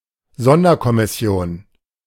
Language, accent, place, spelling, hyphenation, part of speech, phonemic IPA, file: German, Germany, Berlin, Sonderkommission, Son‧der‧kom‧mis‧si‧on, noun, /ˈzɔndɐkɔmɪˌsi̯oːn/, De-Sonderkommission.ogg
- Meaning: special commission (esp. for a criminal investigation)